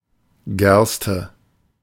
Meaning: barley
- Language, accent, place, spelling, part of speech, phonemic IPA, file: German, Germany, Berlin, Gerste, noun, /ˈɡɛrstə/, De-Gerste.ogg